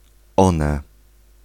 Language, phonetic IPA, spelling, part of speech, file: Polish, [ˈɔ̃nɛ], one, pronoun, Pl-one.ogg